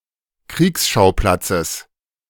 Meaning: genitive singular of Kriegsschauplatz
- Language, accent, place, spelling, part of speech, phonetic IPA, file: German, Germany, Berlin, Kriegsschauplatzes, noun, [ˈkʁiːksˌʃaʊ̯plat͡səs], De-Kriegsschauplatzes.ogg